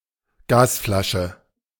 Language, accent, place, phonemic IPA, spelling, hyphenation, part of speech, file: German, Germany, Berlin, /ˈɡaːsˌflaʃə/, Gasflasche, Gas‧fla‧sche, noun, De-Gasflasche.ogg
- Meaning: gas cylinder